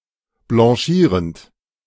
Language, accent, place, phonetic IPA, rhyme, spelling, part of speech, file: German, Germany, Berlin, [blɑ̃ˈʃiːʁənt], -iːʁənt, blanchierend, verb, De-blanchierend.ogg
- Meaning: present participle of blanchieren